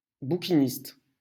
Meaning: antique bookseller, secondhand bookshop, used-book store (seller of old and used books)
- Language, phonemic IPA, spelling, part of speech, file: French, /bu.ki.nist/, bouquiniste, noun, LL-Q150 (fra)-bouquiniste.wav